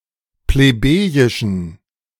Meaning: inflection of plebejisch: 1. strong genitive masculine/neuter singular 2. weak/mixed genitive/dative all-gender singular 3. strong/weak/mixed accusative masculine singular 4. strong dative plural
- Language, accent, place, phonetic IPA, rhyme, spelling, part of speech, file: German, Germany, Berlin, [pleˈbeːjɪʃn̩], -eːjɪʃn̩, plebejischen, adjective, De-plebejischen.ogg